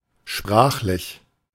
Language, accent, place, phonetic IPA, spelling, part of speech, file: German, Germany, Berlin, [ˈʃpʁaːxlɪç], sprachlich, adjective, De-sprachlich.ogg
- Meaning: language; linguistic